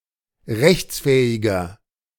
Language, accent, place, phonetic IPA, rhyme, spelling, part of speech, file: German, Germany, Berlin, [ˈʁɛçt͡sˌfɛːɪɡɐ], -ɛçt͡sfɛːɪɡɐ, rechtsfähiger, adjective, De-rechtsfähiger.ogg
- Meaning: inflection of rechtsfähig: 1. strong/mixed nominative masculine singular 2. strong genitive/dative feminine singular 3. strong genitive plural